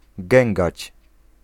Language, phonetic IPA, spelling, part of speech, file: Polish, [ˈɡɛ̃ŋɡat͡ɕ], gęgać, verb, Pl-gęgać.ogg